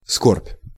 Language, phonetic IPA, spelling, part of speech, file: Russian, [skorpʲ], скорбь, noun, Ru-скорбь.ogg
- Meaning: sorrow, grief